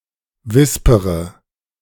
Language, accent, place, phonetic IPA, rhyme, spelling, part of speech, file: German, Germany, Berlin, [ˈvɪspəʁə], -ɪspəʁə, wispere, verb, De-wispere.ogg
- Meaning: inflection of wispern: 1. first-person singular present 2. first/third-person singular subjunctive I 3. singular imperative